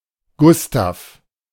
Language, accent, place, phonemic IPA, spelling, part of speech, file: German, Germany, Berlin, /ˈɡʊstaf/, Gustav, proper noun, De-Gustav.ogg
- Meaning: a male given name from Swedish